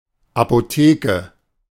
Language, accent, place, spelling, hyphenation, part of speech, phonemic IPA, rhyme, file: German, Germany, Berlin, Apotheke, Apo‧the‧ke, noun, /apoˈteːkə/, -eːkə, De-Apotheke.ogg
- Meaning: 1. pharmacy 2. a store whose products are expensive (see Apothekerpreis)